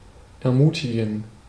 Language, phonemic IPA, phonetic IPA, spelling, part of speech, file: German, /ɛʁˈmuːtiɡən/, [ʔɛɐ̯ˈmuːtʰiɡŋ̍], ermutigen, verb, De-ermutigen.ogg
- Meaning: to encourage